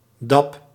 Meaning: the dab (hip-hop dance move)
- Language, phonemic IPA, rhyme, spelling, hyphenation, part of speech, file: Dutch, /dɛp/, -ɛp, dab, dab, noun, Nl-dab.ogg